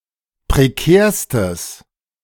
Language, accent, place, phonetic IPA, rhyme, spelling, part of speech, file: German, Germany, Berlin, [pʁeˈkɛːɐ̯stəs], -ɛːɐ̯stəs, prekärstes, adjective, De-prekärstes.ogg
- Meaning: strong/mixed nominative/accusative neuter singular superlative degree of prekär